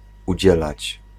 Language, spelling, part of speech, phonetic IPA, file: Polish, udzielać, verb, [uˈd͡ʑɛlat͡ɕ], Pl-udzielać.ogg